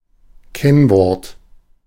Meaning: password
- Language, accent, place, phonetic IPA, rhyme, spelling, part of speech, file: German, Germany, Berlin, [ˈkɛnˌvɔʁt], -ɛnvɔʁt, Kennwort, noun, De-Kennwort.ogg